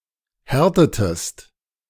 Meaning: inflection of härten: 1. second-person singular preterite 2. second-person singular subjunctive II
- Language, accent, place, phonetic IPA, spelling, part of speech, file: German, Germany, Berlin, [ˈhɛʁtətəst], härtetest, verb, De-härtetest.ogg